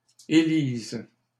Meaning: first/third-person singular present subjunctive of élire
- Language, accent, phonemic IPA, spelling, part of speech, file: French, Canada, /e.liz/, élise, verb, LL-Q150 (fra)-élise.wav